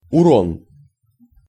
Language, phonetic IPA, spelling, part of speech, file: Russian, [ʊˈron], урон, noun, Ru-урон.ogg
- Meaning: losses, damage